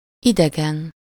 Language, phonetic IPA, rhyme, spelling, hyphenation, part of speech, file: Hungarian, [ˈidɛɡɛn], -ɛn, idegen, ide‧gen, adjective / noun, Hu-idegen.ogg
- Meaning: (adjective) 1. unknown, strange 2. foreign, alien 3. extraneous; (noun) 1. stranger 2. foreigner, alien 3. superessive singular of ideg